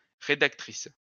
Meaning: female equivalent of rédacteur
- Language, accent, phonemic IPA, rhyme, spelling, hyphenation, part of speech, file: French, France, /ʁe.dak.tʁis/, -is, rédactrice, ré‧dac‧tri‧ce, noun, LL-Q150 (fra)-rédactrice.wav